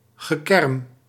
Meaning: groaning, moaning
- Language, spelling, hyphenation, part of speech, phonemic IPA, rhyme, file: Dutch, gekerm, ge‧kerm, noun, /ɣəˈkɛrm/, -ɛrm, Nl-gekerm.ogg